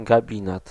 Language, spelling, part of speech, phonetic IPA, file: Polish, gabinet, noun, [ɡaˈbʲĩnɛt], Pl-gabinet.ogg